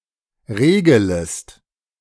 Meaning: second-person singular subjunctive I of regeln
- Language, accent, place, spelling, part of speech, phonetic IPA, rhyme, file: German, Germany, Berlin, regelest, verb, [ˈʁeːɡələst], -eːɡələst, De-regelest.ogg